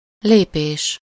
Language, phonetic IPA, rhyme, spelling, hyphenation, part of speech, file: Hungarian, [ˈleːpeːʃ], -eːʃ, lépés, lé‧pés, noun, Hu-lépés.ogg
- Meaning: step (pace)